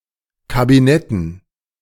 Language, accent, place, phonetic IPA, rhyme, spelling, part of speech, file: German, Germany, Berlin, [kabiˈnɛtn̩], -ɛtn̩, Kabinetten, noun, De-Kabinetten.ogg
- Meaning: dative plural of Kabinett